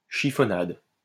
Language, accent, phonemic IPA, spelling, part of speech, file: French, France, /ʃi.fɔ.nad/, chiffonnade, noun, LL-Q150 (fra)-chiffonnade.wav
- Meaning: a shredded food (especially ham)